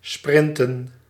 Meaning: to sprint
- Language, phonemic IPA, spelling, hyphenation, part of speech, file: Dutch, /ˈsprɪn.tə(n)/, sprinten, sprin‧ten, verb, Nl-sprinten.ogg